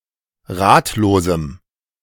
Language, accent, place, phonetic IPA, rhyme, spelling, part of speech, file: German, Germany, Berlin, [ˈʁaːtloːzm̩], -aːtloːzm̩, ratlosem, adjective, De-ratlosem.ogg
- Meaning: strong dative masculine/neuter singular of ratlos